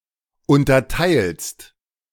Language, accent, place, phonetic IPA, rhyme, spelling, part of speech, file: German, Germany, Berlin, [ˌʊntɐˈtaɪ̯lst], -aɪ̯lst, unterteilst, verb, De-unterteilst.ogg
- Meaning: second-person singular present of unterteilen